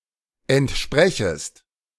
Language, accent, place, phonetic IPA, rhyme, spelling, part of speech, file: German, Germany, Berlin, [ɛntˈʃpʁɛçəst], -ɛçəst, entsprechest, verb, De-entsprechest.ogg
- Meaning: second-person singular subjunctive I of entsprechen